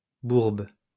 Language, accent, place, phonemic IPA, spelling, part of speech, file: French, France, Lyon, /buʁb/, bourbe, noun, LL-Q150 (fra)-bourbe.wav
- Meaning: mire